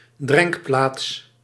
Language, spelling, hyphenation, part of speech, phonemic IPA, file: Dutch, drenkplaats, drenk‧plaats, noun, /ˈdrɛŋk.plaːts/, Nl-drenkplaats.ogg
- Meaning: 1. a well or watering hole, a place where water or another potable liquid is acquired 2. a drinking establishment, a watering hole, a pub